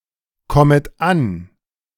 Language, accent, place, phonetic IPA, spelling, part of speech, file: German, Germany, Berlin, [ˌkɔmət ˈan], kommet an, verb, De-kommet an.ogg
- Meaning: second-person plural subjunctive I of ankommen